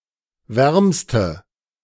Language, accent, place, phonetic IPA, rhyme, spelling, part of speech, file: German, Germany, Berlin, [ˈvɛʁmstə], -ɛʁmstə, wärmste, adjective, De-wärmste.ogg
- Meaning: inflection of warm: 1. strong/mixed nominative/accusative feminine singular superlative degree 2. strong nominative/accusative plural superlative degree